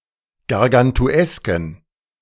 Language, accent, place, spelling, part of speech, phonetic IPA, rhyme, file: German, Germany, Berlin, gargantuesken, adjective, [ɡaʁɡantuˈɛskn̩], -ɛskn̩, De-gargantuesken.ogg
- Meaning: inflection of gargantuesk: 1. strong genitive masculine/neuter singular 2. weak/mixed genitive/dative all-gender singular 3. strong/weak/mixed accusative masculine singular 4. strong dative plural